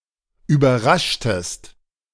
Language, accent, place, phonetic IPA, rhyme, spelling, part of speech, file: German, Germany, Berlin, [yːbɐˈʁaʃtəst], -aʃtəst, überraschtest, verb, De-überraschtest.ogg
- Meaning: inflection of überraschen: 1. second-person singular preterite 2. second-person singular subjunctive II